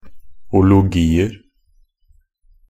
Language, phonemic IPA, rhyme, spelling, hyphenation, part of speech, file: Norwegian Bokmål, /ʊlʊˈɡiːər/, -ər, -ologier, -o‧lo‧gi‧er, suffix, Nb--ologier.ogg
- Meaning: indefinite plural of -ologi